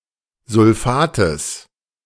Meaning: genitive singular of Sulfat
- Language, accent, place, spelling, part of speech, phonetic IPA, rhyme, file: German, Germany, Berlin, Sulfates, noun, [zʊlˈfaːtəs], -aːtəs, De-Sulfates.ogg